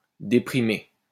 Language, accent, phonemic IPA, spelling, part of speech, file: French, France, /de.pʁi.me/, déprimer, verb, LL-Q150 (fra)-déprimer.wav
- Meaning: 1. to depress, to deject 2. to be depressed, to be dejected